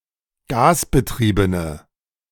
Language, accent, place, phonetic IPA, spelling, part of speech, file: German, Germany, Berlin, [ˈɡaːsbəˌtʁiːbənə], gasbetriebene, adjective, De-gasbetriebene.ogg
- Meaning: inflection of gasbetrieben: 1. strong/mixed nominative/accusative feminine singular 2. strong nominative/accusative plural 3. weak nominative all-gender singular